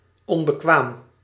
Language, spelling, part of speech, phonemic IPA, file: Dutch, onbekwaam, adjective, /ˌɔmbəˈkwam/, Nl-onbekwaam.ogg
- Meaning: unable, incapable, incompetent